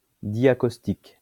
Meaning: diacaustic
- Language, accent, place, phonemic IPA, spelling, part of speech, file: French, France, Lyon, /dja.kos.tik/, diacaustique, adjective, LL-Q150 (fra)-diacaustique.wav